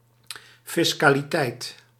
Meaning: 1. the fiscality, all matters concerning taxation 2. the totality of taxes raised from a population 3. the burden of being taxable, taxability
- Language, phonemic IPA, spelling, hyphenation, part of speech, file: Dutch, /ˌfɪs.kaː.liˈtɛi̯t/, fiscaliteit, fis‧ca‧li‧teit, noun, Nl-fiscaliteit.ogg